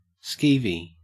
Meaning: Disgusting or distasteful
- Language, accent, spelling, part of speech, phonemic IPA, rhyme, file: English, Australia, skeevy, adjective, /ˈskiːvi/, -iːvi, En-au-skeevy.ogg